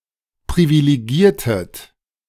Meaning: inflection of privilegieren: 1. second-person plural preterite 2. second-person plural subjunctive II
- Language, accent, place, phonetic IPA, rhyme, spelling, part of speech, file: German, Germany, Berlin, [pʁivileˈɡiːɐ̯tət], -iːɐ̯tət, privilegiertet, verb, De-privilegiertet.ogg